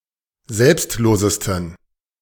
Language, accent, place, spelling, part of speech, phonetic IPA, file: German, Germany, Berlin, selbstlosesten, adjective, [ˈzɛlpstˌloːzəstn̩], De-selbstlosesten.ogg
- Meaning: 1. superlative degree of selbstlos 2. inflection of selbstlos: strong genitive masculine/neuter singular superlative degree